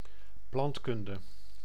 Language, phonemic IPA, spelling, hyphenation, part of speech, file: Dutch, /ˈplɑntˌkʏn.də/, plantkunde, plant‧kun‧de, noun, Nl-plantkunde.ogg
- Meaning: botany